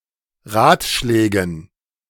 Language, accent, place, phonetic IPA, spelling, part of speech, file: German, Germany, Berlin, [ˈʁaːtˌʃlɛːɡn̩], Ratschlägen, noun, De-Ratschlägen.ogg
- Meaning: dative plural of Ratschlag